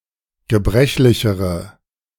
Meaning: inflection of gebrechlich: 1. strong/mixed nominative/accusative feminine singular comparative degree 2. strong nominative/accusative plural comparative degree
- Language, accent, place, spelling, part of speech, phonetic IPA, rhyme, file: German, Germany, Berlin, gebrechlichere, adjective, [ɡəˈbʁɛçlɪçəʁə], -ɛçlɪçəʁə, De-gebrechlichere.ogg